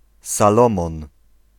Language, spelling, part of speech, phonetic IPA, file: Polish, Salomon, proper noun, [saˈlɔ̃mɔ̃n], Pl-Salomon.ogg